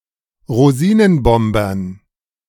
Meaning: dative plural of Rosinenbomber
- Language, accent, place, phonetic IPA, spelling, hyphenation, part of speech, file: German, Germany, Berlin, [ʁoˈziːnənˌbɔmbɐn], Rosinenbombern, Ro‧si‧nen‧bom‧bern, noun, De-Rosinenbombern.ogg